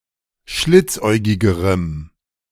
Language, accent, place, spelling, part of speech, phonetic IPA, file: German, Germany, Berlin, schlitzäugigerem, adjective, [ˈʃlɪt͡sˌʔɔɪ̯ɡɪɡəʁəm], De-schlitzäugigerem.ogg
- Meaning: strong dative masculine/neuter singular comparative degree of schlitzäugig